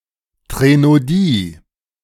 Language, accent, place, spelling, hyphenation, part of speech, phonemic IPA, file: German, Germany, Berlin, Threnodie, Thre‧n‧o‧die, noun, /tʁenoˈdiː/, De-Threnodie.ogg
- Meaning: threnody (song of lamentation)